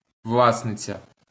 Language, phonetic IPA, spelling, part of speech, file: Ukrainian, [ˈwɫasnet͡sʲɐ], власниця, noun, LL-Q8798 (ukr)-власниця.wav
- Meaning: female equivalent of вла́сник (vlásnyk): owner, possessor, proprietor, proprietress